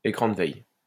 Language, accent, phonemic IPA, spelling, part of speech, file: French, France, /e.kʁɑ̃ d(ə) vɛj/, écran de veille, noun, LL-Q150 (fra)-écran de veille.wav
- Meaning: screensaver